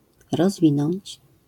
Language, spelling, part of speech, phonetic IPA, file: Polish, rozwinąć, verb, [rɔzˈvʲĩnɔ̃ɲt͡ɕ], LL-Q809 (pol)-rozwinąć.wav